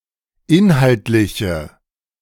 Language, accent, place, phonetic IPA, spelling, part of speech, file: German, Germany, Berlin, [ˈɪnhaltlɪçə], inhaltliche, adjective, De-inhaltliche.ogg
- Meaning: inflection of inhaltlich: 1. strong/mixed nominative/accusative feminine singular 2. strong nominative/accusative plural 3. weak nominative all-gender singular